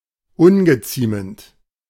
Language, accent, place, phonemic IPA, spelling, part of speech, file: German, Germany, Berlin, /ˈʊnɡəˌt͡siːmənt/, ungeziemend, adjective, De-ungeziemend.ogg
- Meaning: unbecoming, unseemly, indecent